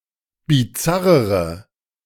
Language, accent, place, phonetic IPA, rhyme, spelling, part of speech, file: German, Germany, Berlin, [biˈt͡saʁəʁə], -aʁəʁə, bizarrere, adjective, De-bizarrere.ogg
- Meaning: inflection of bizarr: 1. strong/mixed nominative/accusative feminine singular comparative degree 2. strong nominative/accusative plural comparative degree